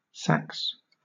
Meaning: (noun) 1. Alternative spelling of zax 2. A knife or sword; a dagger about 50 cm (20 inches) in length 3. An early medieval type of machete common with the Germanic peoples
- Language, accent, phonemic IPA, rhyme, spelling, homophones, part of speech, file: English, Southern England, /sæks/, -æks, sax, sacks / Sacks / Sachs / Sax, noun / verb, LL-Q1860 (eng)-sax.wav